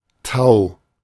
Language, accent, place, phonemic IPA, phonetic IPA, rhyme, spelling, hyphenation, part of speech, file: German, Germany, Berlin, /taʊ̯/, [tʰaʊ̯], -aʊ̯, Tau, Tau, noun, De-Tau.ogg
- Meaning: 1. dew 2. strong rope 3. tau (greek letter) 4. Tao people